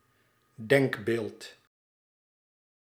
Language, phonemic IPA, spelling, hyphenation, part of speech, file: Dutch, /ˈdɛŋk.beːlt/, denkbeeld, denk‧beeld, noun, Nl-denkbeeld.ogg
- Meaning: idea, notion